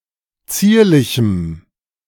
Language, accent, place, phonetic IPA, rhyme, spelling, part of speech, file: German, Germany, Berlin, [ˈt͡siːɐ̯lɪçm̩], -iːɐ̯lɪçm̩, zierlichem, adjective, De-zierlichem.ogg
- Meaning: strong dative masculine/neuter singular of zierlich